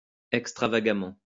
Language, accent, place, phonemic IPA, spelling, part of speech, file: French, France, Lyon, /ɛk.stʁa.va.ɡa.mɑ̃/, extravagamment, adverb, LL-Q150 (fra)-extravagamment.wav
- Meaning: extravagantly